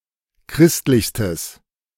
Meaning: strong/mixed nominative/accusative neuter singular superlative degree of christlich
- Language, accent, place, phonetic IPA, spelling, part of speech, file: German, Germany, Berlin, [ˈkʁɪstlɪçstəs], christlichstes, adjective, De-christlichstes.ogg